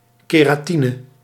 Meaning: keratin
- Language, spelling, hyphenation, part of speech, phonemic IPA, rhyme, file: Dutch, keratine, ke‧ra‧ti‧ne, noun, /ˌkeː.raːˈti.nə/, -inə, Nl-keratine.ogg